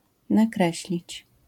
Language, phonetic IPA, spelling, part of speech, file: Polish, [naˈkrɛɕlʲit͡ɕ], nakreślić, verb, LL-Q809 (pol)-nakreślić.wav